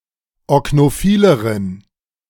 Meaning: inflection of oknophil: 1. strong genitive masculine/neuter singular comparative degree 2. weak/mixed genitive/dative all-gender singular comparative degree
- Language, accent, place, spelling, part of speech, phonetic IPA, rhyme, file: German, Germany, Berlin, oknophileren, adjective, [ɔknoˈfiːləʁən], -iːləʁən, De-oknophileren.ogg